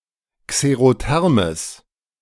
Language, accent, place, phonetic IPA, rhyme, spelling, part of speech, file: German, Germany, Berlin, [kseʁoˈtɛʁməs], -ɛʁməs, xerothermes, adjective, De-xerothermes.ogg
- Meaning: strong/mixed nominative/accusative neuter singular of xerotherm